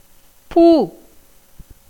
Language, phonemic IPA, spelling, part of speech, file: Tamil, /puː/, பூ, noun / verb, Ta-பூ.ogg
- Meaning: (noun) 1. flower 2. crown 3. tails 4. cataract (a clouding of the lens in the eye leading to a decrease in vision) 5. spark, as of fire 6. menstruation, catamenia 7. the colour blue 8. crop